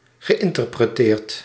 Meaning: past participle of interpreteren
- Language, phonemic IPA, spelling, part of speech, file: Dutch, /ɣəˌɪntərprəˈteːrt/, geïnterpreteerd, verb, Nl-geïnterpreteerd.ogg